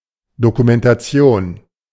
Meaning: 1. documentation 2. documentary (mainly informative product(ion), as opposed to fiction or 'day to day' event reporting)
- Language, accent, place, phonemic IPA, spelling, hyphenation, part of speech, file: German, Germany, Berlin, /dokumentaˈt͡si̯oːn/, Dokumentation, Do‧ku‧men‧ta‧tion, noun, De-Dokumentation.ogg